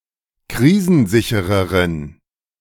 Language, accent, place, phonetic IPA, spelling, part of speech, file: German, Germany, Berlin, [ˈkʁiːzn̩ˌzɪçəʁəʁən], krisensichereren, adjective, De-krisensichereren.ogg
- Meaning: inflection of krisensicher: 1. strong genitive masculine/neuter singular comparative degree 2. weak/mixed genitive/dative all-gender singular comparative degree